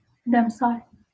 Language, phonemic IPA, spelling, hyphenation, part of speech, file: Northern Kurdish, /dɛmˈsɑːl/, demsal, dem‧sal, noun, LL-Q36368 (kur)-demsal.wav
- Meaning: season